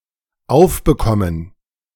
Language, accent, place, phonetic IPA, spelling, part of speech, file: German, Germany, Berlin, [ˈaʊ̯fbəˌkɔmən], aufbekommen, verb, De-aufbekommen.ogg
- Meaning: 1. to open (with effort) 2. to be given (a task, an assignment)